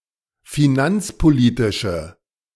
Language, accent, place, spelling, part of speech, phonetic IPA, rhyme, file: German, Germany, Berlin, finanzpolitische, adjective, [fiˈnant͡spoˌliːtɪʃə], -ant͡spoliːtɪʃə, De-finanzpolitische.ogg
- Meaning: inflection of finanzpolitisch: 1. strong/mixed nominative/accusative feminine singular 2. strong nominative/accusative plural 3. weak nominative all-gender singular